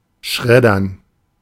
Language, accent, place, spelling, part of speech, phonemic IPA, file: German, Germany, Berlin, schreddern, verb, /ˈʃʁɛdɐn/, De-schreddern.ogg
- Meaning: to shred